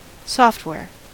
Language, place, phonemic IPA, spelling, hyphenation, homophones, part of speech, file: English, California, /ˈsɔf(t)ˌwɛɹ/, software, soft‧ware, softwear, noun, En-us-software.ogg
- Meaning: Encoded computer instructions, usually modifiable (unless stored in some form of unalterable memory such as ROM)